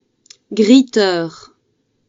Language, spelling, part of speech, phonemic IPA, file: French, greeter, noun, /ɡʁi.tœʁ/, Fr-greeter.oga
- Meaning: greeter (volunteer who shows tourists around their home city or region for free)